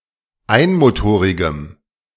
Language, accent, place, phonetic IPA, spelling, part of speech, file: German, Germany, Berlin, [ˈaɪ̯nmoˌtoːʁɪɡəm], einmotorigem, adjective, De-einmotorigem.ogg
- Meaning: strong dative masculine/neuter singular of einmotorig